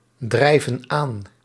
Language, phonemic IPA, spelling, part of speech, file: Dutch, /ˈdrɛivə(n) ˈan/, drijven aan, verb, Nl-drijven aan.ogg
- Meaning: inflection of aandrijven: 1. plural present indicative 2. plural present subjunctive